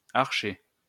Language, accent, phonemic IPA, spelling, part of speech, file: French, France, /aʁ.ʃe/, archer, noun, LL-Q150 (fra)-archer.wav
- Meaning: archer (one who shoots an arrow from a bow or a bolt from a crossbow)